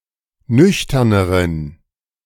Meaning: inflection of nüchtern: 1. strong genitive masculine/neuter singular comparative degree 2. weak/mixed genitive/dative all-gender singular comparative degree
- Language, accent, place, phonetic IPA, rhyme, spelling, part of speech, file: German, Germany, Berlin, [ˈnʏçtɐnəʁən], -ʏçtɐnəʁən, nüchterneren, adjective, De-nüchterneren.ogg